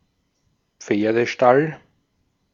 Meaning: stable (for horses)
- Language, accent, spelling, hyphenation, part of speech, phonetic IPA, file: German, Austria, Pferdestall, Pfer‧de‧stall, noun, [ˈp͡feːɐ̯dəˌʃtal], De-at-Pferdestall.ogg